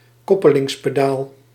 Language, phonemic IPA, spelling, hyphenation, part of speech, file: Dutch, /ˈkɔpəlɪŋspeˌdal/, koppelingspedaal, kop‧pe‧lings‧pe‧daal, noun, Nl-koppelingspedaal.ogg
- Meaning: clutch pedal